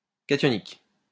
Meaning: cationic
- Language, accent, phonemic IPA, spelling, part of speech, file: French, France, /ka.tjɔ.nik/, cationique, adjective, LL-Q150 (fra)-cationique.wav